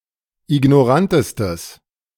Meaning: strong/mixed nominative/accusative neuter singular superlative degree of ignorant
- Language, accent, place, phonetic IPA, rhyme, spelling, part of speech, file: German, Germany, Berlin, [ɪɡnɔˈʁantəstəs], -antəstəs, ignorantestes, adjective, De-ignorantestes.ogg